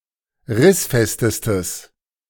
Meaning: strong/mixed nominative/accusative neuter singular superlative degree of rissfest
- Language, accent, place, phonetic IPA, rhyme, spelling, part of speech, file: German, Germany, Berlin, [ˈʁɪsˌfɛstəstəs], -ɪsfɛstəstəs, rissfestestes, adjective, De-rissfestestes.ogg